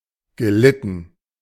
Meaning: past participle of leiden
- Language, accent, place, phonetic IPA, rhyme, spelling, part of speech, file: German, Germany, Berlin, [ɡəˈlɪtn̩], -ɪtn̩, gelitten, verb, De-gelitten.ogg